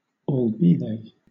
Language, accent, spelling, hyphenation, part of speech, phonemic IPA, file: English, Southern England, albethey, al‧be‧they, conjunction, /ɔːlˈbiðeɪ/, LL-Q1860 (eng)-albethey.wav
- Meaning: Used when introducing information referring to a plural phrase: alternative form of albeit